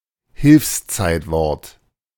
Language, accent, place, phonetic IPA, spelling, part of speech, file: German, Germany, Berlin, [ˈhɪlfsˌt͡saɪ̯tvɔʁt], Hilfszeitwort, noun, De-Hilfszeitwort.ogg
- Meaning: auxiliary verb